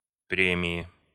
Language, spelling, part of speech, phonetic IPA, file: Russian, премии, noun, [ˈprʲemʲɪɪ], Ru-премии.ogg
- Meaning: inflection of пре́мия (prémija): 1. genitive/dative/prepositional singular 2. nominative/accusative plural